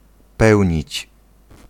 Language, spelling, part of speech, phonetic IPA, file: Polish, pełnić, verb, [ˈpɛwʲɲit͡ɕ], Pl-pełnić.ogg